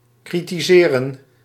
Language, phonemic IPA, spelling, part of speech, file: Dutch, /kritiˈzeːrə(n)/, kritiseren, verb, Nl-kritiseren.ogg
- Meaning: 1. to criticise 2. to critique